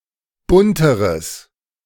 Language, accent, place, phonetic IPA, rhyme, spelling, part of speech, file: German, Germany, Berlin, [ˈbʊntəʁəs], -ʊntəʁəs, bunteres, adjective, De-bunteres.ogg
- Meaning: strong/mixed nominative/accusative neuter singular comparative degree of bunt